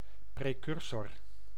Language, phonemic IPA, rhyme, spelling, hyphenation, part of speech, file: Dutch, /preːˈkʏr.sɔr/, -ʏrsɔr, precursor, pre‧cur‧sor, noun, Nl-precursor.ogg
- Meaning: 1. precursor (forerunner, predecessor) 2. precursor (chemical compound)